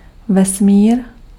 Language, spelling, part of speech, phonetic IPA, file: Czech, vesmír, noun, [ˈvɛsmiːr], Cs-vesmír.ogg
- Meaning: 1. space, outer space 2. universe